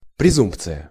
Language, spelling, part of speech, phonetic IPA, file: Russian, презумпция, noun, [prʲɪˈzumpt͡sɨjə], Ru-презумпция.ogg
- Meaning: presumption